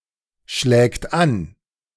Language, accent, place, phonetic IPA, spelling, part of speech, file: German, Germany, Berlin, [ˌʃlɛːkt ˈan], schlägt an, verb, De-schlägt an.ogg
- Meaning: third-person singular present of anschlagen